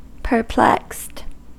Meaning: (adjective) 1. Confused or puzzled 2. Bewildered 3. Entangled; labyrinthine; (verb) simple past and past participle of perplex
- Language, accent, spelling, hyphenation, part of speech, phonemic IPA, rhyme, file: English, US, perplexed, per‧plexed, adjective / verb, /pɚˈplɛkst/, -ɛkst, En-us-perplexed.ogg